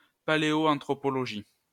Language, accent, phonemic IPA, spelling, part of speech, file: French, France, /pa.le.ɔ.ɑ̃.tʁɔ.pɔ.lɔ.ʒi/, paléoanthropologie, noun, LL-Q150 (fra)-paléoanthropologie.wav
- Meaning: paleanthropology